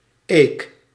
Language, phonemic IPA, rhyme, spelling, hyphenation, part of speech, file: Dutch, /eːk/, -eːk, eek, eek, noun, Nl-eek.ogg
- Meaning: oak bark